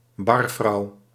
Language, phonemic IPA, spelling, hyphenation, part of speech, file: Dutch, /ˈbɑr.vrɑu̯/, barvrouw, bar‧vrouw, noun, Nl-barvrouw.ogg
- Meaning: barwoman, female bartender